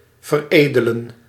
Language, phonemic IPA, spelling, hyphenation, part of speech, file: Dutch, /vərˈeː.də.lə(n)/, veredelen, ver‧ede‧len, verb, Nl-veredelen.ogg
- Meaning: to ennoble